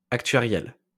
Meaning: actuarial
- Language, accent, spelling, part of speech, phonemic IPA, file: French, France, actuariel, adjective, /ak.tɥa.ʁjɛl/, LL-Q150 (fra)-actuariel.wav